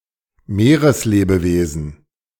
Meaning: 1. marine organism 2. marine life
- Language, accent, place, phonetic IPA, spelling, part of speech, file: German, Germany, Berlin, [ˈmeːʁəsˌleːbəveːzn̩], Meereslebewesen, noun, De-Meereslebewesen.ogg